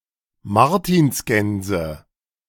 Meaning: nominative/accusative/genitive plural of Martinsgans
- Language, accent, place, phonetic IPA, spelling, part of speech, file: German, Germany, Berlin, [ˈmaʁtiːnsˌɡɛnzə], Martinsgänse, noun, De-Martinsgänse.ogg